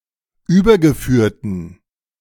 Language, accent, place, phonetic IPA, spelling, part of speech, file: German, Germany, Berlin, [ˈyːbɐɡəˌfyːɐ̯tn̩], übergeführten, adjective, De-übergeführten.ogg
- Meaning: inflection of übergeführt: 1. strong genitive masculine/neuter singular 2. weak/mixed genitive/dative all-gender singular 3. strong/weak/mixed accusative masculine singular 4. strong dative plural